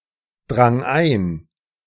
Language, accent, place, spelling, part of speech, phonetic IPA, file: German, Germany, Berlin, drang ein, verb, [ˌdʁaŋ ˈaɪ̯n], De-drang ein.ogg
- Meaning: first/third-person singular preterite of eindringen